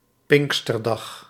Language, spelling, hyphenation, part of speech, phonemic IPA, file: Dutch, pinksterdag, pink‧ster‧dag, noun, /ˈpɪŋk.stərˌdɑx/, Nl-pinksterdag.ogg
- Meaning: Pentecost Sunday (eerste pinksterdag) or the Monday after (tweede pinksterdag)